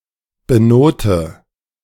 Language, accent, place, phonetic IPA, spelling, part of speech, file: German, Germany, Berlin, [bəˈnoːtə], benote, verb, De-benote.ogg
- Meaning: inflection of benoten: 1. first-person singular present 2. first/third-person singular subjunctive I 3. singular imperative